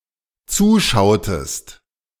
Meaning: inflection of zuschauen: 1. second-person singular dependent preterite 2. second-person singular dependent subjunctive II
- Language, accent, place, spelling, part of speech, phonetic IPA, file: German, Germany, Berlin, zuschautest, verb, [ˈt͡suːˌʃaʊ̯təst], De-zuschautest.ogg